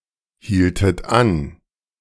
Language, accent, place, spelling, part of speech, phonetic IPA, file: German, Germany, Berlin, hieltet an, verb, [ˌhiːltət ˈan], De-hieltet an.ogg
- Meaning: inflection of anhalten: 1. second-person plural preterite 2. second-person plural subjunctive II